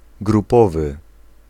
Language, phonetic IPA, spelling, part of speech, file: Polish, [ɡruˈpɔvɨ], grupowy, adjective / noun, Pl-grupowy.ogg